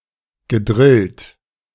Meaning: past participle of drillen
- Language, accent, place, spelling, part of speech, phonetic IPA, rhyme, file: German, Germany, Berlin, gedrillt, verb, [ɡəˈdʁɪlt], -ɪlt, De-gedrillt.ogg